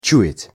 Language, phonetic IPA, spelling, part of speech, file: Russian, [ˈt͡ɕʉ(j)ɪtʲ], чуять, verb, Ru-чуять.ogg
- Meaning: 1. to smell 2. to feel, to sense 3. to hear